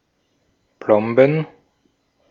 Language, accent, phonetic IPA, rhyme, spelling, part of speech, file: German, Austria, [ˈplɔmbn̩], -ɔmbn̩, Plomben, noun, De-at-Plomben.ogg
- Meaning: plural of Plombe